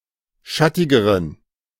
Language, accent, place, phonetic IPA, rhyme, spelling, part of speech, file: German, Germany, Berlin, [ˈʃatɪɡəʁən], -atɪɡəʁən, schattigeren, adjective, De-schattigeren.ogg
- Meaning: inflection of schattig: 1. strong genitive masculine/neuter singular comparative degree 2. weak/mixed genitive/dative all-gender singular comparative degree